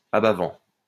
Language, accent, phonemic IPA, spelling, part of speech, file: French, France, /a.ba.vɑ̃/, abat-vent, noun, LL-Q150 (fra)-abat-vent.wav
- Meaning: 1. chimney cowl 2. louver boarding (of window, opening), abat-vent 3. wind screen